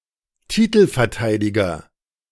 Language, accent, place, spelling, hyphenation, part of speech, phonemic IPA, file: German, Germany, Berlin, Titelverteidiger, Ti‧tel‧ver‧tei‧di‧ger, noun, /ˈtiːtl̩fɛɐ̯ˌtaɪ̯dɪɡɐ/, De-Titelverteidiger.ogg
- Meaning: title holder, defending champion